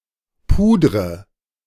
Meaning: inflection of pudern: 1. first-person singular present 2. first/third-person singular subjunctive I 3. singular imperative
- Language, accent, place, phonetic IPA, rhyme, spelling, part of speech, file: German, Germany, Berlin, [ˈpuːdʁə], -uːdʁə, pudre, verb, De-pudre.ogg